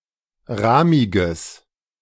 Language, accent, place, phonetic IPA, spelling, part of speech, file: German, Germany, Berlin, [ˈʁaːmɪɡəs], rahmiges, adjective, De-rahmiges.ogg
- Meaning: strong/mixed nominative/accusative neuter singular of rahmig